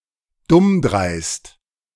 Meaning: audacious, reckless (impudent, stupid, inappropriate through lacking consideration); generally of speech or social behaviour, not dangerous acts
- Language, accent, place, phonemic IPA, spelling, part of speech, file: German, Germany, Berlin, /ˈdʊmˌdʁaɪ̯st/, dummdreist, adjective, De-dummdreist.ogg